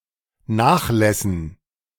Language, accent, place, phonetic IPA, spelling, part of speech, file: German, Germany, Berlin, [ˈnaːxˌlɛsn̩], Nachlässen, noun, De-Nachlässen.ogg
- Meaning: dative plural of Nachlass